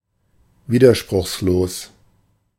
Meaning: unopposed
- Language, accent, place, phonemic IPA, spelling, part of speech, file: German, Germany, Berlin, /ˈviːdɐʃpʁʊχsloːs/, widerspruchslos, adjective, De-widerspruchslos.ogg